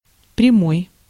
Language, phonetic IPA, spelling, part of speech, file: Russian, [prʲɪˈmoj], прямой, adjective / noun, Ru-прямой.ogg
- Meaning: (adjective) 1. straight 2. perpendicular, right, orthogonal, normal, rectangular 3. direct 4. straightforward 5. through (of a train) 6. downright 7. outspoken, frank 8. live (of a broadcast)